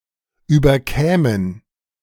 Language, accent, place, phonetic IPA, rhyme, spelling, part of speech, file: German, Germany, Berlin, [ˌyːbɐˈkɛːmən], -ɛːmən, überkämen, verb, De-überkämen.ogg
- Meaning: first-person plural subjunctive II of überkommen